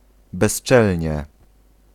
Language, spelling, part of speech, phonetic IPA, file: Polish, bezczelnie, adverb, [bɛʃˈt͡ʃɛlʲɲɛ], Pl-bezczelnie.ogg